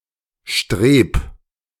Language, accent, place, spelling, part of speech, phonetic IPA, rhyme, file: German, Germany, Berlin, streb, verb, [ʃtʁeːp], -eːp, De-streb.ogg
- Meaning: 1. singular imperative of streben 2. first-person singular present of streben